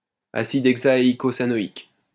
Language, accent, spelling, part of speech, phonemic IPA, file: French, France, acide hexaeïcosanoïque, noun, /a.sid ɛɡ.za.e.i.ko.za.nɔ.ik/, LL-Q150 (fra)-acide hexaeïcosanoïque.wav
- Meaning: synonym of acide hexacosanoïque